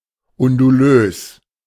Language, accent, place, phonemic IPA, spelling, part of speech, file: German, Germany, Berlin, /ʊnduˈløːs/, undulös, adjective, De-undulös.ogg
- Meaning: undulating, wavy